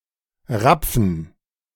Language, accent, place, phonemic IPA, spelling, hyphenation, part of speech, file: German, Germany, Berlin, /ˈʁap͡fn̩/, Rapfen, Rap‧fen, noun, De-Rapfen.ogg
- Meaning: asp (fish)